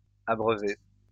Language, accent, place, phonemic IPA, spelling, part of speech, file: French, France, Lyon, /a.bʁœ.ve/, abreuvé, verb, LL-Q150 (fra)-abreuvé.wav
- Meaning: past participle of abreuver